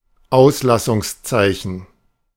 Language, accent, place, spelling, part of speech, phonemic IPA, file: German, Germany, Berlin, Auslassungszeichen, noun, /ˈaʊ̯sˌlasʊŋsˈtsaɪ̯çən/, De-Auslassungszeichen.ogg
- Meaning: 1. apostrophe 2. ellipsis